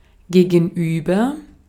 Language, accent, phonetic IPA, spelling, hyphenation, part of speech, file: German, Austria, [ɡeːɡŋ̍ˈʔyːbɐ], gegenüber, ge‧gen‧über, preposition / postposition / adverb, De-at-gegenüber.ogg
- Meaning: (preposition) 1. opposite 2. to, toward, towards 3. compared to 4. vis-à-vis, in dealings with, in dealing with, towards; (adverb) on the opposite side